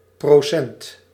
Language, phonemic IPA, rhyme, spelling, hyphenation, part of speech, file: Dutch, /proːˈsɛnt/, -ɛnt, procent, pro‧cent, noun, Nl-procent.ogg
- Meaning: percent